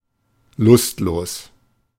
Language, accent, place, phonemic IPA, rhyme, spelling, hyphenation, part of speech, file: German, Germany, Berlin, /ˈlʊstloːs/, -oːs, lustlos, lust‧los, adjective, De-lustlos.ogg
- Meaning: listless, sluggish